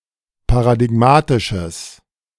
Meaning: strong/mixed nominative/accusative neuter singular of paradigmatisch
- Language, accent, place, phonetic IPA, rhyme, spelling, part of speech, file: German, Germany, Berlin, [paʁadɪˈɡmaːtɪʃəs], -aːtɪʃəs, paradigmatisches, adjective, De-paradigmatisches.ogg